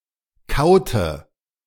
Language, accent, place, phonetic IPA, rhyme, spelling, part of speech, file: German, Germany, Berlin, [ˈkaʊ̯tə], -aʊ̯tə, kaute, verb, De-kaute.ogg
- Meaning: inflection of kauen: 1. first/third-person singular preterite 2. first/third-person singular subjunctive II